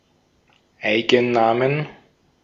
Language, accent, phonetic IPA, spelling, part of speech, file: German, Austria, [ˈaɪ̯ɡn̩ˌnaːmən], Eigennamen, noun, De-at-Eigennamen.ogg
- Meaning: plural of Eigenname